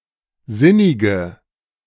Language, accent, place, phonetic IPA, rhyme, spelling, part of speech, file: German, Germany, Berlin, [ˈzɪnɪɡə], -ɪnɪɡə, sinnige, adjective, De-sinnige.ogg
- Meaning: inflection of sinnig: 1. strong/mixed nominative/accusative feminine singular 2. strong nominative/accusative plural 3. weak nominative all-gender singular 4. weak accusative feminine/neuter singular